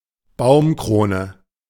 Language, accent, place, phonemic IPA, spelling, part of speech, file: German, Germany, Berlin, /ˈbaʊ̯mˌkʁoːnə/, Baumkrone, noun, De-Baumkrone.ogg
- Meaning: treetop